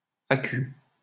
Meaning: acute
- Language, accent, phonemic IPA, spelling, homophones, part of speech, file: French, France, /a.ky/, acut, acuts, adjective, LL-Q150 (fra)-acut.wav